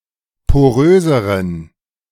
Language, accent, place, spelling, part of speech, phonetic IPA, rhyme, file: German, Germany, Berlin, poröseren, adjective, [poˈʁøːzəʁən], -øːzəʁən, De-poröseren.ogg
- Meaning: inflection of porös: 1. strong genitive masculine/neuter singular comparative degree 2. weak/mixed genitive/dative all-gender singular comparative degree